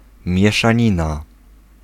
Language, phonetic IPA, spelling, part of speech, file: Polish, [ˌmʲjɛʃãˈɲĩna], mieszanina, noun, Pl-mieszanina.ogg